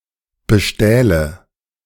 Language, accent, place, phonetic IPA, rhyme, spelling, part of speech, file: German, Germany, Berlin, [bəˈʃtɛːlə], -ɛːlə, bestähle, verb, De-bestähle.ogg
- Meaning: first/third-person singular subjunctive II of bestehlen